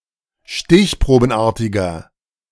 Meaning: inflection of stichprobenartig: 1. strong/mixed nominative masculine singular 2. strong genitive/dative feminine singular 3. strong genitive plural
- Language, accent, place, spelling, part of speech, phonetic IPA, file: German, Germany, Berlin, stichprobenartiger, adjective, [ˈʃtɪçpʁoːbn̩ˌʔaːɐ̯tɪɡɐ], De-stichprobenartiger.ogg